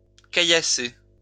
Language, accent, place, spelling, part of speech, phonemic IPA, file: French, France, Lyon, caillasser, verb, /ka.ja.se/, LL-Q150 (fra)-caillasser.wav
- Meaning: to stone (throw stones at)